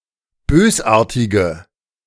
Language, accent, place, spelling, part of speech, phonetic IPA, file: German, Germany, Berlin, bösartige, adjective, [ˈbøːsˌʔaːɐ̯tɪɡə], De-bösartige.ogg
- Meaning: inflection of bösartig: 1. strong/mixed nominative/accusative feminine singular 2. strong nominative/accusative plural 3. weak nominative all-gender singular